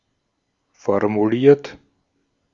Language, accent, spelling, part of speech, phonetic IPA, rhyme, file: German, Austria, formuliert, verb, [fɔʁmuˈliːɐ̯t], -iːɐ̯t, De-at-formuliert.ogg
- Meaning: 1. past participle of formulieren 2. inflection of formulieren: third-person singular present 3. inflection of formulieren: second-person plural present 4. inflection of formulieren: plural imperative